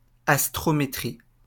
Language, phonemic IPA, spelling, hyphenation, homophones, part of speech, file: French, /as.tʁɔ.me.tʁi/, astrométrie, as‧tro‧mé‧trie, astrométries, noun, LL-Q150 (fra)-astrométrie.wav
- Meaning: astrometry